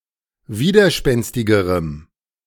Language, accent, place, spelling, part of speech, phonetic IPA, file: German, Germany, Berlin, widerspenstigerem, adjective, [ˈviːdɐˌʃpɛnstɪɡəʁəm], De-widerspenstigerem.ogg
- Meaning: strong dative masculine/neuter singular comparative degree of widerspenstig